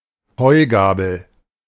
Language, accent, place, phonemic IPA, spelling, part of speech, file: German, Germany, Berlin, /ˈhɔɪ̯ˌɡaːbl̩/, Heugabel, noun, De-Heugabel.ogg
- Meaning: fork; pitchfork; hayfork